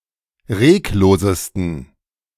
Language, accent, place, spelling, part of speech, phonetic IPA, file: German, Germany, Berlin, reglosesten, adjective, [ˈʁeːkˌloːzəstn̩], De-reglosesten.ogg
- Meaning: 1. superlative degree of reglos 2. inflection of reglos: strong genitive masculine/neuter singular superlative degree